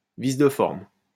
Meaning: formal defect, irregularity, technical flaw, breach of procedure
- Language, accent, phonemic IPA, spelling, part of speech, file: French, France, /vis də fɔʁm/, vice de forme, noun, LL-Q150 (fra)-vice de forme.wav